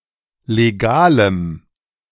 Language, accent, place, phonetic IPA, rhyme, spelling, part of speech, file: German, Germany, Berlin, [leˈɡaːləm], -aːləm, legalem, adjective, De-legalem.ogg
- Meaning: strong dative masculine/neuter singular of legal